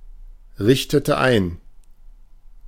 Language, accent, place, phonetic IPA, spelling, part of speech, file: German, Germany, Berlin, [ˌʁɪçtətə ˈaɪ̯n], richtete ein, verb, De-richtete ein.ogg
- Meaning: inflection of einrichten: 1. first/third-person singular preterite 2. first/third-person singular subjunctive II